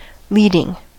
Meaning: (verb) present participle and gerund of lead; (adjective) 1. Providing guidance or direction 2. Ranking first 3. Occurring in advance; preceding; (noun) An act by which one is led or guided
- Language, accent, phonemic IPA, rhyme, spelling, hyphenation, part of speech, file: English, General American, /ˈlidɪŋ/, -iːdɪŋ, leading, lead‧ing, verb / adjective / noun, En-us-leading.ogg